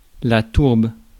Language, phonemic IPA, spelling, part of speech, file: French, /tuʁb/, tourbe, noun, Fr-tourbe.ogg
- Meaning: 1. peat (soil) 2. mob, rabble